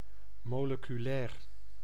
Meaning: molecular
- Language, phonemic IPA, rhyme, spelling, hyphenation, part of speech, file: Dutch, /ˌmoː.lə.kyˈlɛːr/, -ɛːr, moleculair, mo‧le‧cu‧lair, adjective, Nl-moleculair.ogg